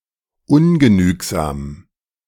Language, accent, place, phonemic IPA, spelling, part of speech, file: German, Germany, Berlin, /ˈʊnɡəˌnyːkzaːm/, ungenügsam, adjective, De-ungenügsam.ogg
- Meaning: insatiable